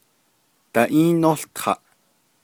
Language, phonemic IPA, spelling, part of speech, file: Navajo, /tɑ̀ʔíːnóɬtʰɑ̀ʔ/, daʼíínółtaʼ, verb, Nv-daʼíínółtaʼ.ogg
- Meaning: second-person plural imperfective of ółtaʼ